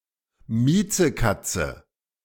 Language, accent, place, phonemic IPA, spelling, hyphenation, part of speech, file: German, Germany, Berlin, /ˈmiːt͡səˌkat͡sə/, Miezekatze, Mie‧ze‧kat‧ze, noun, De-Miezekatze.ogg
- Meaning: pussy-cat, kitty-cat